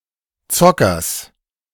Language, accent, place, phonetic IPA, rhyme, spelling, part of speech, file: German, Germany, Berlin, [ˈt͡sɔkɐs], -ɔkɐs, Zockers, noun, De-Zockers.ogg
- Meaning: genitive singular of Zocker